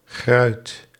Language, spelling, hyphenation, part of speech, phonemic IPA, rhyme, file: Dutch, gruit, gruit, noun, /ɣrœy̯t/, -œy̯t, Nl-gruit.ogg
- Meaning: 1. gruit, a herb mixture used for flavouring and bittering beer widely used in the Low Countries before hops came into use 2. the right to sell gruit to breweries